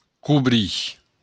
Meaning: to cover
- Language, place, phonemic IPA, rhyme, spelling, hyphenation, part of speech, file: Occitan, Béarn, /kuˈβɾi/, -i, cobrir, co‧brir, verb, LL-Q14185 (oci)-cobrir.wav